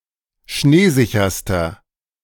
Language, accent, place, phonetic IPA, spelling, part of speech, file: German, Germany, Berlin, [ˈʃneːˌzɪçɐstɐ], schneesicherster, adjective, De-schneesicherster.ogg
- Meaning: inflection of schneesicher: 1. strong/mixed nominative masculine singular superlative degree 2. strong genitive/dative feminine singular superlative degree 3. strong genitive plural superlative degree